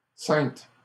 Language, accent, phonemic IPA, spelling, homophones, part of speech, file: French, Canada, /sɛ̃t/, sainte, ceinte / ceintes / Cynthe / saintes / Saintes, noun / adjective, LL-Q150 (fra)-sainte.wav
- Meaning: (noun) saintess; female equivalent of saint; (adjective) feminine singular of saint